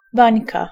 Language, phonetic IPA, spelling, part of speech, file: Polish, [ˈbãɲka], bańka, noun, Pl-bańka.ogg